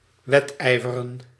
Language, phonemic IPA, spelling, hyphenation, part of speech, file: Dutch, /ˈʋɛtˌɛi̯.və.rə(n)/, wedijveren, wed‧ij‧ve‧ren, verb, Nl-wedijveren.ogg
- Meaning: to compete, to vie